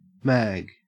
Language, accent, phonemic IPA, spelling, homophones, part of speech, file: English, Australia, /mæ(ː)ɡ/, mag, Mag, noun / verb, En-au-mag.ogg
- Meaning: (noun) 1. Clipping of magazine 2. Clipping of magnet 3. Clipping of magneto 4. Clipping of magnesium 5. Ellipsis of mag wheel 6. Clipping of magnitude 7. Clipping of magistrate